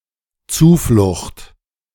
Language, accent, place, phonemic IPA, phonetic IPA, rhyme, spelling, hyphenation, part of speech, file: German, Germany, Berlin, /ˈt͡suːˌflʊxt/, [ˈt͜suːˌflʊχt], -ʊχt, Zuflucht, Zu‧flucht, noun, De-Zuflucht.ogg
- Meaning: refuge, protection, escape